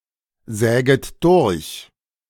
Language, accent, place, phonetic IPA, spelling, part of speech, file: German, Germany, Berlin, [ˌzɛːɡət ˈdʊʁç], säget durch, verb, De-säget durch.ogg
- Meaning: second-person plural subjunctive I of durchsägen